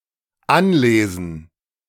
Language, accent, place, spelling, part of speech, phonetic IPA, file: German, Germany, Berlin, anlesen, verb, [ˈanˌleːzn̩], De-anlesen.ogg
- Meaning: 1. to read the first few pages of something 2. to learn by reading